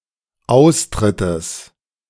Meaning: genitive singular of Austritt
- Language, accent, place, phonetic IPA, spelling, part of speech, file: German, Germany, Berlin, [ˈaʊ̯sˌtʁɪtəs], Austrittes, noun, De-Austrittes.ogg